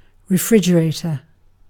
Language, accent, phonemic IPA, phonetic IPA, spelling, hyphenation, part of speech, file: English, UK, /ɹɪˈfɹɪd͡ʒ.əˌɹeɪ.tə/, [ɹɪˈfɹɪd͡ʒ.əˌɹeɪ.tʰə], refrigerator, re‧frig‧e‧ra‧tor, noun, En-uk-refrigerator.ogg
- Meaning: A household or commercial appliance used for keeping food fresh using refrigeration